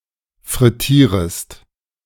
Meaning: second-person singular subjunctive I of frittieren
- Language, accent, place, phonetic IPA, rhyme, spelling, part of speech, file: German, Germany, Berlin, [fʁɪˈtiːʁəst], -iːʁəst, frittierest, verb, De-frittierest.ogg